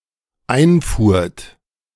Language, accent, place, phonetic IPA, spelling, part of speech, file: German, Germany, Berlin, [ˈaɪ̯nˌfuːɐ̯t], einfuhrt, verb, De-einfuhrt.ogg
- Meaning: second-person plural dependent preterite of einfahren